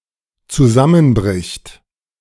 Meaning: third-person singular dependent present of zusammenbrechen
- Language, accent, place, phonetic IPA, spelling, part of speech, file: German, Germany, Berlin, [t͡suˈzamənˌbʁɪçt], zusammenbricht, verb, De-zusammenbricht.ogg